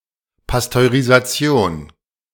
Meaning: pasteurization
- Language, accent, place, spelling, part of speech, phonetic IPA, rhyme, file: German, Germany, Berlin, Pasteurisation, noun, [pastøʁizaˈt͡si̯oːn], -oːn, De-Pasteurisation.ogg